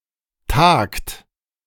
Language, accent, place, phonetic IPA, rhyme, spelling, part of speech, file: German, Germany, Berlin, [taːkt], -aːkt, tagt, verb, De-tagt.ogg
- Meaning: inflection of tagen: 1. third-person singular present 2. second-person plural present 3. plural imperative